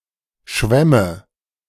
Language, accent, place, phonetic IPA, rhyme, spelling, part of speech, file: German, Germany, Berlin, [ˈʃvɛmə], -ɛmə, schwämme, verb, De-schwämme.ogg
- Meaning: first/third-person singular subjunctive II of schwimmen